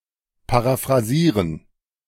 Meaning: to paraphrase (to compose a paraphrase)
- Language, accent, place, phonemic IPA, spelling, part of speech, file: German, Germany, Berlin, /paʁafʁaˈziːʁən/, paraphrasieren, verb, De-paraphrasieren.ogg